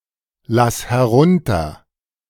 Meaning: singular imperative of herunterlassen
- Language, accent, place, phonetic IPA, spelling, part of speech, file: German, Germany, Berlin, [ˌlas hɛˈʁʊntɐ], lass herunter, verb, De-lass herunter.ogg